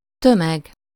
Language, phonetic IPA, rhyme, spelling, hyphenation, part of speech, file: Hungarian, [ˈtømɛɡ], -ɛɡ, tömeg, tö‧meg, noun, Hu-tömeg.ogg
- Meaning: 1. crowd, mass (e.g. of people) 2. mass